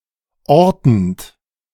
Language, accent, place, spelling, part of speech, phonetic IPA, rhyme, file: German, Germany, Berlin, ortend, verb, [ˈɔʁtn̩t], -ɔʁtn̩t, De-ortend.ogg
- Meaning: present participle of orten